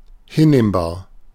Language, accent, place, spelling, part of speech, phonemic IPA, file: German, Germany, Berlin, hinnehmbar, adjective, /ˈhɪnˌneːmbaːɐ̯/, De-hinnehmbar.ogg
- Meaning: acceptable, tolerable